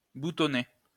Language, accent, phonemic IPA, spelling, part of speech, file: French, France, /bu.tɔ.ne/, boutonner, verb, LL-Q150 (fra)-boutonner.wav
- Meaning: to button (to fasten with a button)